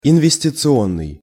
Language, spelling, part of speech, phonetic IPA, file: Russian, инвестиционный, adjective, [ɪnvʲɪsʲtʲɪt͡sɨˈonːɨj], Ru-инвестиционный.ogg
- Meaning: investment, investing